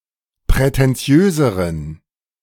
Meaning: inflection of prätentiös: 1. strong genitive masculine/neuter singular comparative degree 2. weak/mixed genitive/dative all-gender singular comparative degree
- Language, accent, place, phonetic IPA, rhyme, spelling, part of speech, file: German, Germany, Berlin, [pʁɛtɛnˈt͡si̯øːzəʁən], -øːzəʁən, prätentiöseren, adjective, De-prätentiöseren.ogg